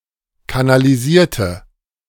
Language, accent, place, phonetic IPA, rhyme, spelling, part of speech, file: German, Germany, Berlin, [kanaliˈziːɐ̯tə], -iːɐ̯tə, kanalisierte, adjective / verb, De-kanalisierte.ogg
- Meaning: inflection of kanalisieren: 1. first/third-person singular preterite 2. first/third-person singular subjunctive II